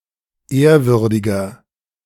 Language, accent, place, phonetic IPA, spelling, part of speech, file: German, Germany, Berlin, [ˈeːɐ̯ˌvʏʁdɪɡɐ], ehrwürdiger, adjective, De-ehrwürdiger.ogg
- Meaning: 1. comparative degree of ehrwürdig 2. inflection of ehrwürdig: strong/mixed nominative masculine singular 3. inflection of ehrwürdig: strong genitive/dative feminine singular